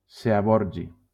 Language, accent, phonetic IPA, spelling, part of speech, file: Catalan, Valencia, [siˈbɔɾ.ɣi], seaborgi, noun, LL-Q7026 (cat)-seaborgi.wav
- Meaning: seaborgium